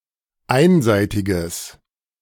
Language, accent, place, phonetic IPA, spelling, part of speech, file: German, Germany, Berlin, [ˈaɪ̯nˌzaɪ̯tɪɡəs], einseitiges, adjective, De-einseitiges.ogg
- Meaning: strong/mixed nominative/accusative neuter singular of einseitig